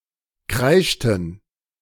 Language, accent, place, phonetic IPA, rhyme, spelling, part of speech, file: German, Germany, Berlin, [ˈkʁaɪ̯ʃtn̩], -aɪ̯ʃtn̩, kreischten, verb, De-kreischten.ogg
- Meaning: inflection of kreischen: 1. first/third-person plural preterite 2. first/third-person plural subjunctive II